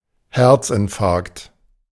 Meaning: myocardial infarction (necrosis of heart muscle), heart attack
- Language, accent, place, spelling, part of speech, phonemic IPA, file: German, Germany, Berlin, Herzinfarkt, noun, /ˈhɛʁtsɪnˌfaʁkt/, De-Herzinfarkt.ogg